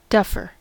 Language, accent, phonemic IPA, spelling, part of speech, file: English, US, /ˈdʌfɚ/, duffer, adjective / noun, En-us-duffer.ogg
- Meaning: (adjective) comparative form of duff: more duff; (noun) 1. An incompetent, indolent, or clumsy person 2. A player having little skill, especially a golfer who duffs